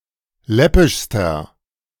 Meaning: inflection of läppisch: 1. strong/mixed nominative masculine singular superlative degree 2. strong genitive/dative feminine singular superlative degree 3. strong genitive plural superlative degree
- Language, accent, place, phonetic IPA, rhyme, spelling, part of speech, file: German, Germany, Berlin, [ˈlɛpɪʃstɐ], -ɛpɪʃstɐ, läppischster, adjective, De-läppischster.ogg